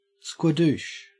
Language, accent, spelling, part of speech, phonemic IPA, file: English, Australia, squadoosh, noun, /skwɑˈduʃ/, En-au-squadoosh.ogg
- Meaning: Nothing at all; zip; zilch